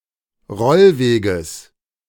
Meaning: genitive singular of Rollweg
- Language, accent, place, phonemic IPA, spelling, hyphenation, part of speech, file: German, Germany, Berlin, /ˈʁɔlˌveːɡəs/, Rollweges, Roll‧we‧ges, noun, De-Rollweges.ogg